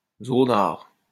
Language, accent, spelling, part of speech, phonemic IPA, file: French, France, zonard, noun, /zɔ.naʁ/, LL-Q150 (fra)-zonard.wav
- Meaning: dropout